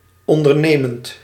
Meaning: present participle of ondernemen
- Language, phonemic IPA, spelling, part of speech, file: Dutch, /ɔndərˈnemənt/, ondernemend, adjective / verb, Nl-ondernemend.ogg